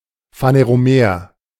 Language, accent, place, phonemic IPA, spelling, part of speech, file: German, Germany, Berlin, /faneʁoˈmeːɐ̯/, phaneromer, adjective, De-phaneromer.ogg
- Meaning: phaneromeric